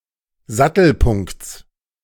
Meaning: genitive of Sattelpunkt
- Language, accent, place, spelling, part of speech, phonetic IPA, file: German, Germany, Berlin, Sattelpunkts, noun, [ˈzatl̩ˌpʊŋkt͡s], De-Sattelpunkts.ogg